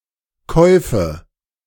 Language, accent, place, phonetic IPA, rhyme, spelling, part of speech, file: German, Germany, Berlin, [ˈkɔɪ̯fə], -ɔɪ̯fə, Käufe, noun, De-Käufe.ogg
- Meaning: nominative/accusative/genitive plural of Kauf